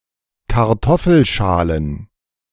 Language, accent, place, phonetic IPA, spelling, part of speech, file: German, Germany, Berlin, [kaʁˈtɔfl̩ˌʃaːlən], Kartoffelschalen, noun, De-Kartoffelschalen.ogg
- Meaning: plural of Kartoffelschale